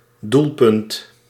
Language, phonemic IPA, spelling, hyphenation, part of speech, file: Dutch, /ˈdulˌpʏnt/, doelpunt, doel‧punt, noun, Nl-doelpunt.ogg
- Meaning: goal (scoring in sport)